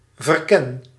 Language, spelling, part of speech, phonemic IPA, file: Dutch, verken, verb, /vərˈkɛn/, Nl-verken.ogg
- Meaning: inflection of verkennen: 1. first-person singular present indicative 2. second-person singular present indicative 3. imperative